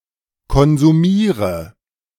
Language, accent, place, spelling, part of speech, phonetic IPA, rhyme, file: German, Germany, Berlin, konsumiere, verb, [kɔnzuˈmiːʁə], -iːʁə, De-konsumiere.ogg
- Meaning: inflection of konsumieren: 1. first-person singular present 2. first/third-person singular subjunctive I 3. singular imperative